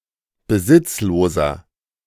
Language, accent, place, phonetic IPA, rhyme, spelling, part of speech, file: German, Germany, Berlin, [bəˈzɪt͡sloːzɐ], -ɪt͡sloːzɐ, besitzloser, adjective, De-besitzloser.ogg
- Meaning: 1. comparative degree of besitzlos 2. inflection of besitzlos: strong/mixed nominative masculine singular 3. inflection of besitzlos: strong genitive/dative feminine singular